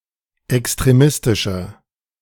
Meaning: 1. comparative degree of extremistisch 2. inflection of extremistisch: strong/mixed nominative masculine singular 3. inflection of extremistisch: strong genitive/dative feminine singular
- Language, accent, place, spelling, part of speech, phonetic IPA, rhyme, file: German, Germany, Berlin, extremistischer, adjective, [ɛkstʁeˈmɪstɪʃɐ], -ɪstɪʃɐ, De-extremistischer.ogg